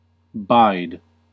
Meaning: 1. To bear; to endure; to tolerate 2. To face with resistance; to encounter; to withstand 3. To dwell or reside in a location; to abide 4. To wait; to be in expectation; to stay; to remain
- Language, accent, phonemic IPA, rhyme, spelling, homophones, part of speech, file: English, US, /baɪd/, -aɪd, bide, buyed, verb, En-us-bide.ogg